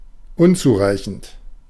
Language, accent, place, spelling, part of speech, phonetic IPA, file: German, Germany, Berlin, unzureichend, adjective, [ˈʔʊnt͡suːˌʁaɪ̯çn̩t], De-unzureichend.ogg
- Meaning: inadequate, insufficient, deficient